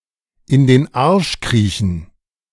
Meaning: to kiss arse
- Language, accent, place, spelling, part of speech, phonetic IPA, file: German, Germany, Berlin, in den Arsch kriechen, phrase, [ɪn deːn ˈaʁʃ ˈkʁiːçn̩], De-in den Arsch kriechen.ogg